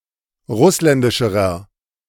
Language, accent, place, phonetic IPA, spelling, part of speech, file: German, Germany, Berlin, [ˈʁʊslɛndɪʃəʁɐ], russländischerer, adjective, De-russländischerer.ogg
- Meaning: inflection of russländisch: 1. strong/mixed nominative masculine singular comparative degree 2. strong genitive/dative feminine singular comparative degree 3. strong genitive plural comparative degree